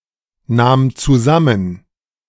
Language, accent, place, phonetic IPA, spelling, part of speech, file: German, Germany, Berlin, [ˌnaːm t͡suˈzamən], nahm zusammen, verb, De-nahm zusammen.ogg
- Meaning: first/third-person singular preterite of zusammennehmen